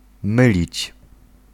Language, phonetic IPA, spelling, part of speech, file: Polish, [ˈmɨlʲit͡ɕ], mylić, verb, Pl-mylić.ogg